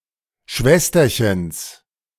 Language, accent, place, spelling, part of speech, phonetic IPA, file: German, Germany, Berlin, Schwesterchens, noun, [ˈʃvɛstɐçəns], De-Schwesterchens.ogg
- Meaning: genitive of Schwesterchen